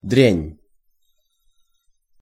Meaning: 1. rubbish, trash 2. rotter, skunk, dirty dog
- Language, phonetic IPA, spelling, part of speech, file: Russian, [drʲænʲ], дрянь, noun, Ru-дрянь.ogg